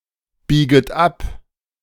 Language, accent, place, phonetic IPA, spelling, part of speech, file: German, Germany, Berlin, [ˌbiːɡət ˈap], bieget ab, verb, De-bieget ab.ogg
- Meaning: second-person plural subjunctive I of abbiegen